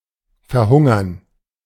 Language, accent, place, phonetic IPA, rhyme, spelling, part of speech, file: German, Germany, Berlin, [fɛɐ̯ˈhʊŋɐn], -ʊŋɐn, Verhungern, noun, De-Verhungern.ogg
- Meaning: gerund of verhungern